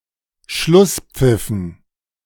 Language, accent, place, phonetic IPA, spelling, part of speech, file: German, Germany, Berlin, [ˈʃlʊsˌp͡fɪfn̩], Schlusspfiffen, noun, De-Schlusspfiffen.ogg
- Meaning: dative plural of Schlusspfiff